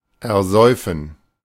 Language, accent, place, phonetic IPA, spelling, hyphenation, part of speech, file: German, Germany, Berlin, [ɛɐ̯ˈzɔɪ̯fn̩], ersäufen, er‧säu‧fen, verb, De-ersäufen.ogg
- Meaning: 1. to drown someone (cause to drown) 2. to drown something in alcohol